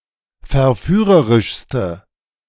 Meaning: inflection of verführerisch: 1. strong/mixed nominative/accusative feminine singular superlative degree 2. strong nominative/accusative plural superlative degree
- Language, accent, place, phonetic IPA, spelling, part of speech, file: German, Germany, Berlin, [fɛɐ̯ˈfyːʁəʁɪʃstə], verführerischste, adjective, De-verführerischste.ogg